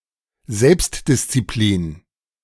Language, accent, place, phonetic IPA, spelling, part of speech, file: German, Germany, Berlin, [ˈzɛlpstdɪst͡siˌpliːn], Selbstdisziplin, noun, De-Selbstdisziplin.ogg
- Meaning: self-discipline